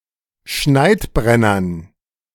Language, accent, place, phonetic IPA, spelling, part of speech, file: German, Germany, Berlin, [ˈʃnaɪ̯tˌbʁɛnɐn], Schneidbrennern, noun, De-Schneidbrennern.ogg
- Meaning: dative plural of Schneidbrenner